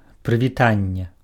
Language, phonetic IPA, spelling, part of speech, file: Belarusian, [prɨvʲiˈtanʲːe], прывітанне, noun / interjection, Be-прывітанне.ogg
- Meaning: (noun) a greeting, a salute, a salutation; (interjection) hi; hello